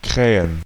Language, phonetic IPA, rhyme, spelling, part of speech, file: German, [ˈkʁɛːən], -ɛːən, Krähen, noun, De-Krähen.ogg
- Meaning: 1. crow 2. plural of Krähe